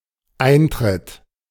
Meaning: 1. occurring; occurrence (the fact that something happens) 2. joining; enlistment (becoming a member, e.g. of a club) 3. entrance, access (right to go in, also the fee thereof)
- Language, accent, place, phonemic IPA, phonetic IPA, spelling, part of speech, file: German, Germany, Berlin, /ˈaɪ̯nˌtrɪt/, [ˈʔäɪ̯nˌtʁɪt], Eintritt, noun, De-Eintritt.ogg